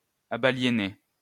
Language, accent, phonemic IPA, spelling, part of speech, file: French, France, /a.ba.lje.ne/, abaliénées, verb, LL-Q150 (fra)-abaliénées.wav
- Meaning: feminine plural of abaliéné